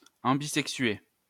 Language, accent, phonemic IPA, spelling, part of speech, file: French, France, /ɑ̃.bi.zɛk.sɥe/, ambisexué, adjective, LL-Q150 (fra)-ambisexué.wav
- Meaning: ambisexual